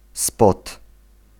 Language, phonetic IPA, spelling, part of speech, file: Polish, [spɔt], spot, noun, Pl-spot.ogg